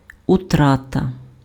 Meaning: loss
- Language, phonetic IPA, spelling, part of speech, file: Ukrainian, [ʊˈtratɐ], утрата, noun, Uk-утрата.ogg